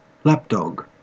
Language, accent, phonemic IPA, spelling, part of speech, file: English, Australia, /ˈlæpdɒɡ/, lap dog, noun, En-au-lap dog.ogg